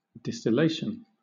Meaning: 1. The act of falling in drops, or the act of pouring out in drops 2. That which falls in drops
- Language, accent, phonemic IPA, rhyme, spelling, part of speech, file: English, Southern England, /dɪstɪˈleɪʃən/, -eɪʃən, distillation, noun, LL-Q1860 (eng)-distillation.wav